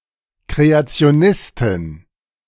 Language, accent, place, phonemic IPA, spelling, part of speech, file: German, Germany, Berlin, /kʁeatsɪ̯oˈnɪstɪn/, Kreationistin, noun, De-Kreationistin.ogg
- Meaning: creationist (female)